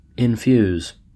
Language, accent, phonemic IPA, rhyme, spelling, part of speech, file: English, US, /ɪnˈfjuz/, -uːz, infuse, verb, En-us-infuse.ogg
- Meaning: 1. To cause to become an element of something; to insert or fill 2. To steep in a liquid, so as to extract the soluble constituents (usually medicinal or herbal)